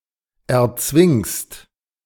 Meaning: second-person singular present of erzwingen
- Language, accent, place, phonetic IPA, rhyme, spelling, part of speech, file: German, Germany, Berlin, [ɛɐ̯ˈt͡svɪŋst], -ɪŋst, erzwingst, verb, De-erzwingst.ogg